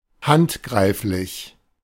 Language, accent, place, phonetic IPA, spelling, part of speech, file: German, Germany, Berlin, [ˈhantˌɡʁaɪ̯flɪç], handgreiflich, adjective, De-handgreiflich.ogg
- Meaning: 1. violent 2. blatant, palpable